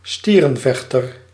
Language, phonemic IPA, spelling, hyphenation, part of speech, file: Dutch, /ˈstiː.rə(n)ˌvɛx.tər/, stierenvechter, stie‧ren‧vech‧ter, noun, Nl-stierenvechter.ogg
- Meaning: one who engages in bullfighting; a toreador or bullfighter